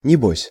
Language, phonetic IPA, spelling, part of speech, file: Russian, [nʲɪˈbosʲ], небось, adverb, Ru-небось.ogg
- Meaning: 1. I suppose, most likely, probably, I dare say 2. sure, no fear